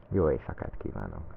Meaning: good night
- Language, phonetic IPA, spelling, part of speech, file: Hungarian, [ˈjoːjeːjsɒkaːt ˌkiːvaːnok], jó éjszakát kívánok, phrase, Hu-jó éjszakát kívánok.ogg